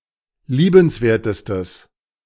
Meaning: strong/mixed nominative/accusative neuter singular superlative degree of liebenswert
- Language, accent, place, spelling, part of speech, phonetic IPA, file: German, Germany, Berlin, liebenswertestes, adjective, [ˈliːbənsˌveːɐ̯təstəs], De-liebenswertestes.ogg